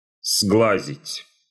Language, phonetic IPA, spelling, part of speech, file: Russian, [ˈzɡɫazʲɪtʲ], сглазить, verb, Ru-сглазить.ogg
- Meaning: to put the evil eye (on, upon), to bewitch, to jinx, to put a hex/jinx (on), to put the whammy on, to put off (by too much praise)